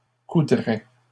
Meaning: third-person singular conditional of coudre
- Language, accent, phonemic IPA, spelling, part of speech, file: French, Canada, /ku.dʁɛ/, coudrait, verb, LL-Q150 (fra)-coudrait.wav